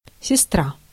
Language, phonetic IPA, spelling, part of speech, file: Russian, [sʲɪˈstra], сестра, noun, Ru-сестра.ogg
- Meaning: 1. sister 2. nurse